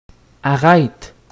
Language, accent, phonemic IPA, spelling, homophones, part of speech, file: French, Quebec, /a.ʁɛt/, arrête, arrêtes / arrêtent, verb, Qc-arrête.ogg
- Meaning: inflection of arrêter: 1. first/third-person singular present indicative/subjunctive 2. second-person singular imperative